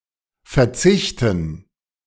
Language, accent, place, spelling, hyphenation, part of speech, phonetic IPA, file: German, Germany, Berlin, Verzichten, Ver‧zich‧ten, noun, [fɛɐ̯ˈt͡sɪçtn̩], De-Verzichten.ogg
- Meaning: 1. gerund of verzichten 2. dative plural of Verzicht